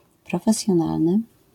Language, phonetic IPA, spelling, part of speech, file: Polish, [ˌprɔfɛsʲjɔ̃ˈnalnɨ], profesjonalny, adjective, LL-Q809 (pol)-profesjonalny.wav